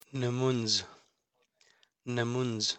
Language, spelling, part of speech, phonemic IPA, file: Pashto, نمونځ, noun, /ⁿmuŋd͡z/, نمونځ.ogg
- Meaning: prayer, salat